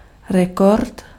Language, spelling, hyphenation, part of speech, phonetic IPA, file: Czech, rekord, re‧kord, noun, [ˈrɛkort], Cs-rekord.ogg
- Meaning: record (previously unrecorded achievement)